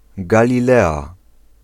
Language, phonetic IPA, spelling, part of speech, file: Polish, [ˌɡalʲiˈlɛa], Galilea, proper noun, Pl-Galilea.ogg